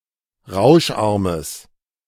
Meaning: strong/mixed nominative/accusative neuter singular of rauscharm
- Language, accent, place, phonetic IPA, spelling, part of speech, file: German, Germany, Berlin, [ˈʁaʊ̯ʃˌʔaʁməs], rauscharmes, adjective, De-rauscharmes.ogg